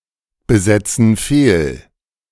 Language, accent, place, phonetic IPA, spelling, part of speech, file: German, Germany, Berlin, [bəˌzɛt͡sn̩ ˈfeːl], besetzen fehl, verb, De-besetzen fehl.ogg
- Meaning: inflection of fehlbesetzen: 1. first/third-person plural present 2. first/third-person plural subjunctive I